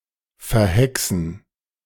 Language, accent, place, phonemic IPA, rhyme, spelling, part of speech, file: German, Germany, Berlin, /fɛɐ̯ˈhɛksn̩/, -ɛksn̩, verhexen, verb, De-verhexen.ogg
- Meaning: to bewitch